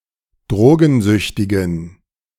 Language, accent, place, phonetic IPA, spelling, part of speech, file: German, Germany, Berlin, [ˈdʁoːɡn̩ˌzʏçtɪɡn̩], drogensüchtigen, adjective, De-drogensüchtigen.ogg
- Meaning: inflection of drogensüchtig: 1. strong genitive masculine/neuter singular 2. weak/mixed genitive/dative all-gender singular 3. strong/weak/mixed accusative masculine singular 4. strong dative plural